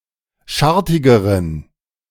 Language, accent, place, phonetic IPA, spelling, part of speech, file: German, Germany, Berlin, [ˈʃaʁtɪɡəʁən], schartigeren, adjective, De-schartigeren.ogg
- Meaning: inflection of schartig: 1. strong genitive masculine/neuter singular comparative degree 2. weak/mixed genitive/dative all-gender singular comparative degree